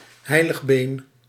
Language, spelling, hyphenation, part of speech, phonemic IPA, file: Dutch, heiligbeen, hei‧lig‧been, noun, /ˈɦɛi̯.ləxˌbeːn/, Nl-heiligbeen.ogg
- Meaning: sacrum